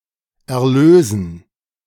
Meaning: 1. to deliver, to set free 2. to deliver; to redeem; to save (to free from sin, its destructive power and its punishment) 3. to bring forth as proceeds
- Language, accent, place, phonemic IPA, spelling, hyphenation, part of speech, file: German, Germany, Berlin, /ɛɐ̯ˈløːzən/, erlösen, er‧lö‧sen, verb, De-erlösen.ogg